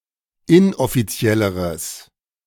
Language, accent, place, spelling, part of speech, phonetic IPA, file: German, Germany, Berlin, inoffizielleres, adjective, [ˈɪnʔɔfiˌt͡si̯ɛləʁəs], De-inoffizielleres.ogg
- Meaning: strong/mixed nominative/accusative neuter singular comparative degree of inoffiziell